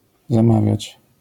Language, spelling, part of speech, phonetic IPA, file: Polish, zamawiać, verb, [zãˈmavʲjät͡ɕ], LL-Q809 (pol)-zamawiać.wav